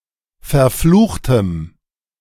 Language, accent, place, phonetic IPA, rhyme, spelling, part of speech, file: German, Germany, Berlin, [fɛɐ̯ˈfluːxtəm], -uːxtəm, verfluchtem, adjective, De-verfluchtem.ogg
- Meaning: strong dative masculine/neuter singular of verflucht